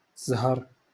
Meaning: luck
- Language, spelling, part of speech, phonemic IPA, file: Moroccan Arabic, زهر, noun, /zhar/, LL-Q56426 (ary)-زهر.wav